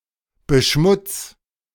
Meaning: 1. singular imperative of beschmutzen 2. first-person singular present of beschmutzen
- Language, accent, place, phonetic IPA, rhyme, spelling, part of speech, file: German, Germany, Berlin, [bəˈʃmʊt͡s], -ʊt͡s, beschmutz, verb, De-beschmutz.ogg